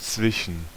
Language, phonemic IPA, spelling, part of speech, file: German, /ˈtsvɪʃən/, zwischen, preposition, De-zwischen.ogg
- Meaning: 1. between 2. among, amongst